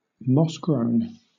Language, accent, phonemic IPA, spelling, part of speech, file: English, Southern England, /ˈmɒsɡɹəʊn/, moss-grown, adjective, LL-Q1860 (eng)-moss-grown.wav
- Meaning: 1. Having a covering of growing moss 2. Old; old-fashioned, out of date